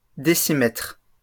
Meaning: plural of décimètre
- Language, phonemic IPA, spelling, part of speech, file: French, /de.si.mɛtʁ/, décimètres, noun, LL-Q150 (fra)-décimètres.wav